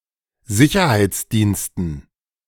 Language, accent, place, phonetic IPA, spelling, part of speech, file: German, Germany, Berlin, [ˈzɪçɐhaɪ̯t͡sˌdiːnstn̩], Sicherheitsdiensten, noun, De-Sicherheitsdiensten.ogg
- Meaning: dative plural of Sicherheitsdienst